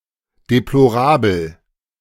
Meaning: deplorable
- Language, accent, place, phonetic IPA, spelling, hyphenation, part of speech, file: German, Germany, Berlin, [deploˈʁaːbl̩], deplorabel, de‧plo‧ra‧bel, adjective, De-deplorabel.ogg